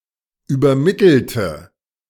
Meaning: inflection of übermitteln: 1. first/third-person singular preterite 2. first/third-person singular subjunctive II
- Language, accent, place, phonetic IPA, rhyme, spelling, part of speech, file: German, Germany, Berlin, [yːbɐˈmɪtl̩tə], -ɪtl̩tə, übermittelte, adjective / verb, De-übermittelte.ogg